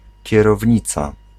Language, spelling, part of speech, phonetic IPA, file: Polish, kierownica, noun, [ˌcɛrɔvʲˈɲit͡sa], Pl-kierownica.ogg